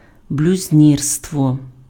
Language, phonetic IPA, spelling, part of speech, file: Ukrainian, [blʲʊzʲˈnʲirstwɔ], блюзнірство, noun, Uk-блюзнірство.ogg
- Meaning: 1. sacrilege 2. blasphemy